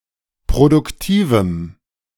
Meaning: strong dative masculine/neuter singular of produktiv
- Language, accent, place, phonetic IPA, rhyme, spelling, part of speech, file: German, Germany, Berlin, [pʁodʊkˈtiːvm̩], -iːvm̩, produktivem, adjective, De-produktivem.ogg